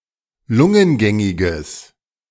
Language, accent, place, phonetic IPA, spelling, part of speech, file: German, Germany, Berlin, [ˈlʊŋənˌɡɛŋɪɡəs], lungengängiges, adjective, De-lungengängiges.ogg
- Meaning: strong/mixed nominative/accusative neuter singular of lungengängig